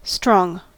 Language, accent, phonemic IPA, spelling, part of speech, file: English, US, /stɹɔŋ/, strong, adjective / noun / adverb, En-us-strong.ogg
- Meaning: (adjective) 1. Capable of producing great physical force 2. Capable of withstanding great physical force 3. Possessing power, might, or strength 4. Determined; unyielding